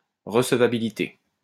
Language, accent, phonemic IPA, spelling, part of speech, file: French, France, /ʁə.s(ə).va.bi.li.te/, recevabilité, noun, LL-Q150 (fra)-recevabilité.wav
- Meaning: admissibility